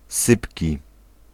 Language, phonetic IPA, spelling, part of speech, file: Polish, [ˈsɨpʲci], sypki, adjective, Pl-sypki.ogg